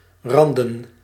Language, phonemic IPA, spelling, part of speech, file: Dutch, /ˈrɑndə(n)/, randen, noun / verb, Nl-randen.ogg
- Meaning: plural of rand